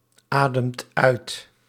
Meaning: inflection of uitademen: 1. second/third-person singular present indicative 2. plural imperative
- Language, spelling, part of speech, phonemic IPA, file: Dutch, ademt uit, verb, /ˈadəmt ˈœyt/, Nl-ademt uit.ogg